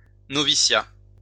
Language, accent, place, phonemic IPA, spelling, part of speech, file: French, France, Lyon, /nɔ.vi.sja/, noviciat, noun, LL-Q150 (fra)-noviciat.wav
- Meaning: novitiate